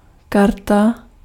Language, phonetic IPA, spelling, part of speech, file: Czech, [ˈkarta], karta, noun, Cs-karta.ogg
- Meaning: 1. card 2. tab